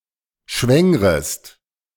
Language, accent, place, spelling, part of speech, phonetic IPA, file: German, Germany, Berlin, schwängrest, verb, [ˈʃvɛŋʁəst], De-schwängrest.ogg
- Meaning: second-person singular subjunctive I of schwängern